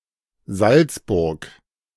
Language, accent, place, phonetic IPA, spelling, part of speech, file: German, Germany, Berlin, [ˈzalt͡sˌbʊʁk], Salzburg, proper noun, De-Salzburg.ogg
- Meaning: 1. Salzburg (a city in Austria) 2. Salzburg (a state of Austria)